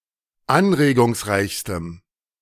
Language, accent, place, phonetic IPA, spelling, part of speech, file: German, Germany, Berlin, [ˈanʁeːɡʊŋsˌʁaɪ̯çstəm], anregungsreichstem, adjective, De-anregungsreichstem.ogg
- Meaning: strong dative masculine/neuter singular superlative degree of anregungsreich